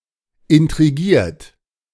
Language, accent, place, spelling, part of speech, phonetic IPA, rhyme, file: German, Germany, Berlin, intrigiert, verb, [ɪntʁiˈɡiːɐ̯t], -iːɐ̯t, De-intrigiert.ogg
- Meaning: 1. past participle of intrigieren 2. inflection of intrigieren: third-person singular present 3. inflection of intrigieren: second-person plural present 4. inflection of intrigieren: plural imperative